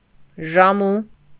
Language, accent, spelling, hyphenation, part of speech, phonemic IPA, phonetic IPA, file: Armenian, Eastern Armenian, ժամու, ժա‧մու, adverb, /ʒɑˈmu/, [ʒɑmú], Hy-ժամու.ogg
- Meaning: in time, in good time, at the proper time